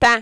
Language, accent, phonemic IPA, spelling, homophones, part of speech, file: French, Quebec, /tã/, temps, tan / tans / tant / taon / t'en, noun, Qc-temps.ogg
- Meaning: 1. time (in general) 2. weather 3. tense